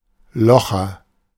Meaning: hole punch
- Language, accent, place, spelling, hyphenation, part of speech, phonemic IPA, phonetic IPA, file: German, Germany, Berlin, Locher, Lo‧cher, noun, /ˈlɔxər/, [ˈlɔxɐ], De-Locher.ogg